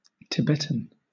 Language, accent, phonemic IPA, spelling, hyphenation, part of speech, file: English, Southern England, /tɪˈbɛtən/, Tibetan, Ti‧bet‧an, adjective / noun, LL-Q1860 (eng)-Tibetan.wav
- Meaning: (adjective) Pertaining to Tibet, the Tibetan people, culture, or language; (noun) 1. A native of Tibet 2. A language of Tibet